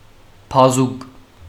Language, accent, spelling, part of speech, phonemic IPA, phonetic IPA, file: Armenian, Western Armenian, բազուկ, noun, /pɑˈzuɡ/, [pʰɑzúɡ], HyW-բազուկ.ogg
- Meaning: 1. arm, especially the forearm 2. power, might 3. arm of a lever 4. branch, arm (of a river) 5. stalks and other arm-like parts of various plants 6. chard, beet, beetroot